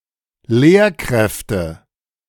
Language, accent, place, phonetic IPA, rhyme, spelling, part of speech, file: German, Germany, Berlin, [ˈleːɐ̯ˌkʁɛftə], -eːɐ̯kʁɛftə, Lehrkräfte, noun, De-Lehrkräfte.ogg
- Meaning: nominative/accusative/genitive plural of Lehrkraft